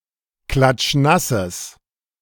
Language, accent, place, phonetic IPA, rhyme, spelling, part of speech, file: German, Germany, Berlin, [ˌklat͡ʃˈnasəs], -asəs, klatschnasses, adjective, De-klatschnasses.ogg
- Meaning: strong/mixed nominative/accusative neuter singular of klatschnass